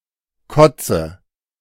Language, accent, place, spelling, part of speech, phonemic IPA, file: German, Germany, Berlin, Kotze, noun, /ˈkɔ.tsə/, De-Kotze.ogg
- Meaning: 1. puke, vomit 2. coarse woolen blanket, woolen cape